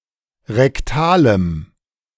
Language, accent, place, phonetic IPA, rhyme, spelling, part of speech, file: German, Germany, Berlin, [ʁɛkˈtaːləm], -aːləm, rektalem, adjective, De-rektalem.ogg
- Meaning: strong dative masculine/neuter singular of rektal